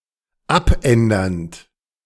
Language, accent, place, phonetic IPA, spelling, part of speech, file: German, Germany, Berlin, [ˈapˌʔɛndɐnt], abändernd, verb, De-abändernd.ogg
- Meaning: present participle of abändern